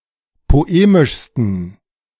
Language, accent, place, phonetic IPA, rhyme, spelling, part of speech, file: German, Germany, Berlin, [poˈeːmɪʃstn̩], -eːmɪʃstn̩, poemischsten, adjective, De-poemischsten.ogg
- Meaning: 1. superlative degree of poemisch 2. inflection of poemisch: strong genitive masculine/neuter singular superlative degree